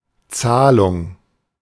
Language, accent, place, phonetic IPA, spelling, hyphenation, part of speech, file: German, Germany, Berlin, [ˈt͡saːlʊŋ], Zahlung, Zah‧lung, noun, De-Zahlung.ogg
- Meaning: payment